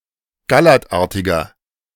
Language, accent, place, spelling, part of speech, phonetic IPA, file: German, Germany, Berlin, gallertartiger, adjective, [ɡaˈlɛʁtˌʔaʁtɪɡɐ], De-gallertartiger.ogg
- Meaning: inflection of gallertartig: 1. strong/mixed nominative masculine singular 2. strong genitive/dative feminine singular 3. strong genitive plural